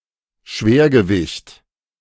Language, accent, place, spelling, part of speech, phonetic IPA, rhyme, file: German, Germany, Berlin, Schwergewicht, noun, [ˈʃveːɐ̯.ɡə.vɪçt], -ɪçt, De-Schwergewicht.ogg
- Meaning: heavyweight